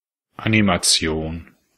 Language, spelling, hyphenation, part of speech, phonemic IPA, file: German, Animation, Ani‧ma‧ti‧on, noun, /ʔanimaˈtsi̯oːn/, De-Animation.ogg
- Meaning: animation